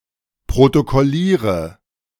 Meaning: inflection of protokollieren: 1. first-person singular present 2. first/third-person singular subjunctive I 3. singular imperative
- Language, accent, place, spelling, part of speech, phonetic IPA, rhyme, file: German, Germany, Berlin, protokolliere, verb, [pʁotokɔˈliːʁə], -iːʁə, De-protokolliere.ogg